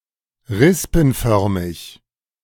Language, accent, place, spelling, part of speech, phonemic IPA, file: German, Germany, Berlin, rispenförmig, adjective, /ˈʁɪspn̩ˌfœʁmɪç/, De-rispenförmig.ogg
- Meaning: paniculate